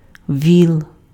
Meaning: ox, bullock
- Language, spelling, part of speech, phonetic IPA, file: Ukrainian, віл, noun, [ʋʲiɫ], Uk-віл.ogg